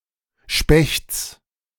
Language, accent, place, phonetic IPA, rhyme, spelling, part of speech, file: German, Germany, Berlin, [ʃpɛçt͡s], -ɛçt͡s, Spechts, noun, De-Spechts.ogg
- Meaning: genitive singular of Specht